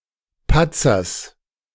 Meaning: genitive singular of Patzer
- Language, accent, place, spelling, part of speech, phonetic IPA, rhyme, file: German, Germany, Berlin, Patzers, noun, [ˈpat͡sɐs], -at͡sɐs, De-Patzers.ogg